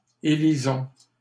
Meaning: inflection of élire: 1. first-person plural present indicative 2. first-person plural imperative
- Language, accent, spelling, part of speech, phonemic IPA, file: French, Canada, élisons, verb, /e.li.zɔ̃/, LL-Q150 (fra)-élisons.wav